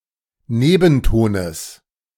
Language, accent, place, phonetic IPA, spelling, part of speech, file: German, Germany, Berlin, [ˈneːbn̩ˌtoːnəs], Nebentones, noun, De-Nebentones.ogg
- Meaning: genitive singular of Nebenton